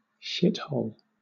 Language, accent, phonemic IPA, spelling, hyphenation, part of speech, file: English, Southern England, /ˈʃɪt.hoʊl/, shithole, shit‧hole, noun, LL-Q1860 (eng)-shithole.wav
- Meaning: 1. The anus 2. The anus.: A wretched or despicable person 3. A hole into which one defecates or dumps excrement